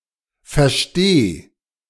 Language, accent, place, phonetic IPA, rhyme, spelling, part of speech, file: German, Germany, Berlin, [fɛɐ̯ˈʃteː], -eː, versteh, verb, De-versteh.ogg
- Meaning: singular imperative of verstehen